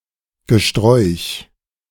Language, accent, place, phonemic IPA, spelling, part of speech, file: German, Germany, Berlin, /ɡəˈʃtʁɔʏ̯ç/, Gesträuch, noun, De-Gesträuch.ogg
- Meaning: shrubbery (cluster of shrubs, usually wild-growing)